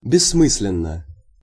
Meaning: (adverb) senselessly; foolishly; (adjective) 1. there is no sense, it is pointless 2. short neuter singular of бессмы́сленный (bessmýslennyj)
- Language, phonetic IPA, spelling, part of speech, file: Russian, [bʲɪsːˈmɨs⁽ʲ⁾lʲɪn(ː)ə], бессмысленно, adverb / adjective, Ru-бессмысленно.ogg